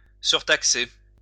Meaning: 1. to overtax (impose too much taxation) 2. to charge an additional fee
- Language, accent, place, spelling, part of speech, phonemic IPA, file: French, France, Lyon, surtaxer, verb, /syʁ.tak.se/, LL-Q150 (fra)-surtaxer.wav